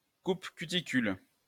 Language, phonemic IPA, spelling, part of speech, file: French, /ky.ti.kyl/, cuticules, noun, LL-Q150 (fra)-cuticules.wav
- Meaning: plural of cuticule